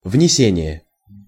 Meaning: 1. bringing in, carrying in 2. entry, entering, insertion
- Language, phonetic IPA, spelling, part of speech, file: Russian, [vnʲɪˈsʲenʲɪje], внесение, noun, Ru-внесение.ogg